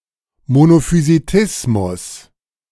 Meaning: monophysitism
- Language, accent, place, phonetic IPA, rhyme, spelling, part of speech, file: German, Germany, Berlin, [monofyziˈtɪsmʊs], -ɪsmʊs, Monophysitismus, noun, De-Monophysitismus.ogg